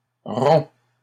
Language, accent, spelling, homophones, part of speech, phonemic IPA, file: French, Canada, rompt, romps / rond / ronds, verb, /ʁɔ̃/, LL-Q150 (fra)-rompt.wav
- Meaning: third-person singular present indicative of rompre